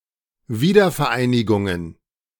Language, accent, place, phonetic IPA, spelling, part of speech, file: German, Germany, Berlin, [ˈviːdɐfɛɐ̯ˌʔaɪ̯nɪɡʊŋən], Wiedervereinigungen, noun, De-Wiedervereinigungen.ogg
- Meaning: plural of Wiedervereinigung